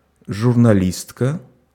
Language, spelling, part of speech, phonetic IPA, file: Russian, журналистка, noun, [ʐʊrnɐˈlʲistkə], Ru-журналистка.ogg
- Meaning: female equivalent of журнали́ст (žurnalíst): female journalist